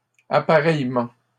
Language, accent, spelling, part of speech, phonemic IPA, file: French, Canada, appareillement, noun, /a.pa.ʁɛj.mɑ̃/, LL-Q150 (fra)-appareillement.wav
- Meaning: mating